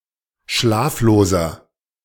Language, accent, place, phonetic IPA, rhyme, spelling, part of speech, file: German, Germany, Berlin, [ˈʃlaːfloːzɐ], -aːfloːzɐ, schlafloser, adjective, De-schlafloser.ogg
- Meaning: inflection of schlaflos: 1. strong/mixed nominative masculine singular 2. strong genitive/dative feminine singular 3. strong genitive plural